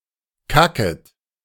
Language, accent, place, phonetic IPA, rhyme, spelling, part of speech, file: German, Germany, Berlin, [ˈkakət], -akət, kacket, verb, De-kacket.ogg
- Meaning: second-person plural subjunctive I of kacken